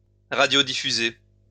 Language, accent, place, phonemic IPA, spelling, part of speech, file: French, France, Lyon, /ʁa.djo.di.fy.ze/, radiodiffuser, verb, LL-Q150 (fra)-radiodiffuser.wav
- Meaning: to broadcast (only by radio)